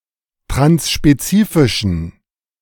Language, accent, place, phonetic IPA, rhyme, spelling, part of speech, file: German, Germany, Berlin, [tʁansʃpeˈt͡siːfɪʃn̩], -iːfɪʃn̩, transspezifischen, adjective, De-transspezifischen.ogg
- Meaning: inflection of transspezifisch: 1. strong genitive masculine/neuter singular 2. weak/mixed genitive/dative all-gender singular 3. strong/weak/mixed accusative masculine singular 4. strong dative plural